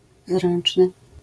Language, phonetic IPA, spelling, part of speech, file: Polish, [ˈzrɛ̃n͇t͡ʃnɨ], zręczny, adjective, LL-Q809 (pol)-zręczny.wav